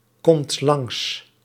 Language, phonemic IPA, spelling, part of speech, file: Dutch, /ˈkɔmt ˈlɑŋs/, komt langs, verb, Nl-komt langs.ogg
- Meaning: inflection of langskomen: 1. second/third-person singular present indicative 2. plural imperative